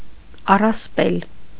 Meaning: 1. myth 2. legend
- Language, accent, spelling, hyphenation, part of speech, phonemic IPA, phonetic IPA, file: Armenian, Eastern Armenian, առասպել, ա‧ռաս‧պել, noun, /ɑrɑsˈpel/, [ɑrɑspél], Hy-առասպել.ogg